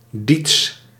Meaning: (adjective) 1. Middle Dutch 2. Dutch 3. German, continental West Germanic (often excluding Frisian) 4. In favor of, or relating to, a Greater Netherlands; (proper noun) the Middle Dutch language
- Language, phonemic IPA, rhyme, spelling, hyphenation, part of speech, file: Dutch, /ˈdits/, -its, Diets, Diets, adjective / proper noun, Nl-Diets.ogg